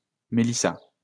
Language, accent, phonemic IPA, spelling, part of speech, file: French, France, /me.li.sa/, Mélissa, proper noun, LL-Q150 (fra)-Mélissa.wav
- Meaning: a female given name, equivalent to English Melissa